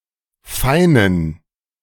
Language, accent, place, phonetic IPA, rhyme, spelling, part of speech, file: German, Germany, Berlin, [ˈfaɪ̯nən], -aɪ̯nən, feinen, verb / adjective, De-feinen.ogg
- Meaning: inflection of fein: 1. strong genitive masculine/neuter singular 2. weak/mixed genitive/dative all-gender singular 3. strong/weak/mixed accusative masculine singular 4. strong dative plural